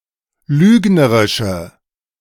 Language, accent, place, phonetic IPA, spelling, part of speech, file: German, Germany, Berlin, [ˈlyːɡnəʁɪʃə], lügnerische, adjective, De-lügnerische.ogg
- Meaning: inflection of lügnerisch: 1. strong/mixed nominative/accusative feminine singular 2. strong nominative/accusative plural 3. weak nominative all-gender singular